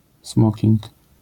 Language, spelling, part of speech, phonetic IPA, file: Polish, smoking, noun, [ˈsmɔcĩŋk], LL-Q809 (pol)-smoking.wav